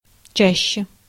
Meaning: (adverb) 1. comparative degree of ча́стый (částyj) 2. comparative degree of ча́сто (částo); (noun) dative/prepositional singular of ча́ща (čášča)
- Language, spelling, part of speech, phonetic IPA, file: Russian, чаще, adverb / noun, [ˈt͡ɕæɕːe], Ru-чаще.ogg